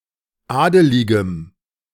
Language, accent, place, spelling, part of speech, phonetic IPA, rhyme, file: German, Germany, Berlin, adeligem, adjective, [ˈaːdəlɪɡəm], -aːdəlɪɡəm, De-adeligem.ogg
- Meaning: strong dative masculine/neuter singular of adelig